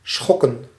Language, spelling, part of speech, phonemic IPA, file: Dutch, schokken, noun / verb, /ˈsxɔ.kə(n)/, Nl-schokken.ogg
- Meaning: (noun) plural of schok; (verb) 1. to shake, shiver 2. to (administer a) shock physically 3. to shock, disturb, startle